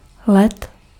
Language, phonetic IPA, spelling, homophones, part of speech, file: Czech, [ˈlɛt], let, led, noun, Cs-let.ogg
- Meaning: 1. flight (the act of flying) 2. genitive plural of léto